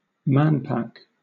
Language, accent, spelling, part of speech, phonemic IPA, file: English, Southern England, manpack, noun, /ˈmænˌpæk/, LL-Q1860 (eng)-manpack.wav
- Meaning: An object meant to be carried by a single person